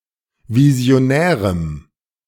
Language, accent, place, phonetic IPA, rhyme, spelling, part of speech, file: German, Germany, Berlin, [vizi̯oˈnɛːʁəm], -ɛːʁəm, visionärem, adjective, De-visionärem.ogg
- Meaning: strong dative masculine/neuter singular of visionär